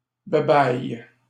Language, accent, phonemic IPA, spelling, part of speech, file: French, Canada, /ba.baj/, babaille, interjection, LL-Q150 (fra)-babaille.wav
- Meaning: bye-bye